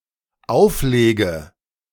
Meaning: inflection of auflegen: 1. first-person singular dependent present 2. first/third-person singular dependent subjunctive I
- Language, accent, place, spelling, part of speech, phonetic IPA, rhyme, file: German, Germany, Berlin, auflege, verb, [ˈaʊ̯fˌleːɡə], -aʊ̯fleːɡə, De-auflege.ogg